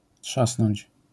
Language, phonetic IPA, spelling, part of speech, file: Polish, [ˈṭʃasnɔ̃ɲt͡ɕ], trzasnąć, verb, LL-Q809 (pol)-trzasnąć.wav